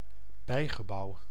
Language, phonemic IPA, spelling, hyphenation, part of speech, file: Dutch, /ˈbɛi̯.ɣəˌbɑu̯/, bijgebouw, bij‧ge‧bouw, noun, Nl-bijgebouw.ogg
- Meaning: outbuilding